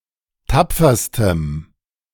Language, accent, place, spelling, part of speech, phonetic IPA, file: German, Germany, Berlin, tapferstem, adjective, [ˈtap͡fɐstəm], De-tapferstem.ogg
- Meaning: strong dative masculine/neuter singular superlative degree of tapfer